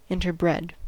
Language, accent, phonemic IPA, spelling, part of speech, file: English, US, /ɪntɚˈbɹɛd/, interbred, verb, En-us-interbred.ogg
- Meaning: simple past and past participle of interbreed